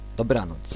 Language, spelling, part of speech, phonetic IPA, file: Polish, dobranoc, interjection / noun, [dɔˈbrãnɔt͡s], Pl-dobranoc.ogg